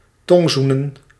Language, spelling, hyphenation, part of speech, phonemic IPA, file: Dutch, tongzoenen, tong‧zoe‧nen, verb, /ˈtɔŋˌzu.nə(n)/, Nl-tongzoenen.ogg
- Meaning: to French kiss (to kiss while inserting one’s tongue into one's companion's mouth)